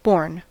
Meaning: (verb) 1. past participle of bear; given birth to 2. past participle of bear in other senses; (adjective) Having from birth (or as if from birth) a certain quality or character; innate; inherited
- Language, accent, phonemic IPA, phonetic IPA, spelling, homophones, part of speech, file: English, US, /boɹn/, [bo̞ɹn], born, Borgne / borne / bourn / bourne, verb / adjective / noun, En-us-born.ogg